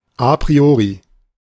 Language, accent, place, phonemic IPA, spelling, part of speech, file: German, Germany, Berlin, /a pʁiˈoːʁi/, a priori, adjective / adverb, De-a priori.ogg
- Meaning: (adjective) a priori